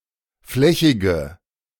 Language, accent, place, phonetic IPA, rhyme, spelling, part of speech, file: German, Germany, Berlin, [ˈflɛçɪɡə], -ɛçɪɡə, flächige, adjective, De-flächige.ogg
- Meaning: inflection of flächig: 1. strong/mixed nominative/accusative feminine singular 2. strong nominative/accusative plural 3. weak nominative all-gender singular 4. weak accusative feminine/neuter singular